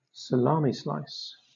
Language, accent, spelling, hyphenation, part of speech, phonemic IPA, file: English, Southern England, salami-slice, sa‧la‧mi-slice, verb, /səˈlɑːmi ˌslaɪs/, LL-Q1860 (eng)-salami-slice.wav
- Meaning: To engage in salami slicing.: To divide (something) into small groups or portions; specifically, to tackle (a big task, etc.) in incremental steps